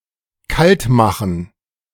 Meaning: to off someone, to duppy
- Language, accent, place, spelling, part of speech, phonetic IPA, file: German, Germany, Berlin, kaltmachen, verb, [ˈkaltˌmaxn̩], De-kaltmachen.ogg